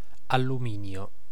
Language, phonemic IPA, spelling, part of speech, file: Italian, /alluˈminjo/, alluminio, noun, It-alluminio.ogg